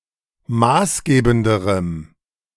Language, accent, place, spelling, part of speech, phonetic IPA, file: German, Germany, Berlin, maßgebenderem, adjective, [ˈmaːsˌɡeːbn̩dəʁəm], De-maßgebenderem.ogg
- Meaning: strong dative masculine/neuter singular comparative degree of maßgebend